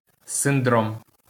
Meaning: syndrome
- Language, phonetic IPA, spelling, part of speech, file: Ukrainian, [senˈdrɔm], синдром, noun, LL-Q8798 (ukr)-синдром.wav